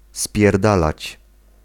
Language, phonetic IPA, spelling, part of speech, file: Polish, [spʲjɛrˈdalat͡ɕ], spierdalać, verb, Pl-spierdalać.ogg